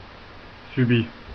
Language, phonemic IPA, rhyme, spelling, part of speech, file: French, /sy.bi/, -i, subit, adjective / verb, Fr-subit.ogg
- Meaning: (adjective) sudden; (verb) inflection of subir: 1. third-person singular present indicative 2. third-person singular past historic